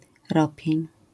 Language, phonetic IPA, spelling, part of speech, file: Polish, [ˈrɔpʲjɛ̇̃ɲ], ropień, noun, LL-Q809 (pol)-ropień.wav